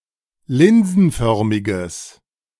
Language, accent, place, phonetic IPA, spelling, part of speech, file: German, Germany, Berlin, [ˈlɪnzn̩ˌfœʁmɪɡəs], linsenförmiges, adjective, De-linsenförmiges.ogg
- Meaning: strong/mixed nominative/accusative neuter singular of linsenförmig